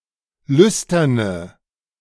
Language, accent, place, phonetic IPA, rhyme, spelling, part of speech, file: German, Germany, Berlin, [ˈlʏstɐnə], -ʏstɐnə, lüsterne, adjective, De-lüsterne.ogg
- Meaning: inflection of lüstern: 1. strong/mixed nominative/accusative feminine singular 2. strong nominative/accusative plural 3. weak nominative all-gender singular 4. weak accusative feminine/neuter singular